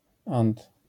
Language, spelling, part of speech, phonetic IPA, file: Polish, -ant, suffix, [ãnt], LL-Q809 (pol)--ant.wav